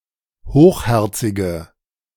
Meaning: inflection of hochherzig: 1. strong/mixed nominative/accusative feminine singular 2. strong nominative/accusative plural 3. weak nominative all-gender singular
- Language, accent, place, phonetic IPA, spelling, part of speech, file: German, Germany, Berlin, [ˈhoːxˌhɛʁt͡sɪɡə], hochherzige, adjective, De-hochherzige.ogg